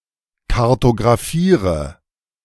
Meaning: inflection of kartographieren: 1. first-person singular present 2. first/third-person singular subjunctive I 3. singular imperative
- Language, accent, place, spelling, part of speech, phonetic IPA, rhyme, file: German, Germany, Berlin, kartographiere, verb, [kaʁtoɡʁaˈfiːʁə], -iːʁə, De-kartographiere.ogg